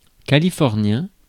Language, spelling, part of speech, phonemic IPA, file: French, californien, adjective, /ka.li.fɔʁ.njɛ̃/, Fr-californien.ogg
- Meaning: of California; Californian